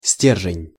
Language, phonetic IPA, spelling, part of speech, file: Russian, [ˈsʲtʲerʐɨnʲ], стержень, noun, Ru-стержень.ogg
- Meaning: shank, rod, pivot, spindle (straight round stick, shaft, or bar)